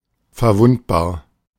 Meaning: vulnerable
- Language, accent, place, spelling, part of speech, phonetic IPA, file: German, Germany, Berlin, verwundbar, adjective, [fɛɐ̯ˈvʊnt.baːɐ̯], De-verwundbar.ogg